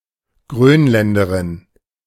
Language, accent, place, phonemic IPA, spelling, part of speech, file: German, Germany, Berlin, /ˈɡʁøːnlɛndɐʁɪn/, Grönländerin, noun, De-Grönländerin.ogg
- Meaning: Greenlander (woman from Greenland or of Greenlandic descent)